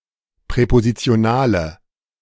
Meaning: inflection of präpositional: 1. strong/mixed nominative/accusative feminine singular 2. strong nominative/accusative plural 3. weak nominative all-gender singular
- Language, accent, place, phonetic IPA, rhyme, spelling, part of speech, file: German, Germany, Berlin, [pʁɛpozit͡si̯oˈnaːlə], -aːlə, präpositionale, adjective, De-präpositionale.ogg